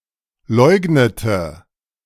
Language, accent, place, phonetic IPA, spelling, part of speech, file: German, Germany, Berlin, [ˈlɔɪ̯ɡnətə], leugnete, verb, De-leugnete.ogg
- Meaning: inflection of leugnen: 1. first/third-person singular preterite 2. first/third-person singular subjunctive II